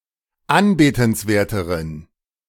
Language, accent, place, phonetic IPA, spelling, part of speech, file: German, Germany, Berlin, [ˈanbeːtn̩sˌveːɐ̯təʁən], anbetenswerteren, adjective, De-anbetenswerteren.ogg
- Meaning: inflection of anbetenswert: 1. strong genitive masculine/neuter singular comparative degree 2. weak/mixed genitive/dative all-gender singular comparative degree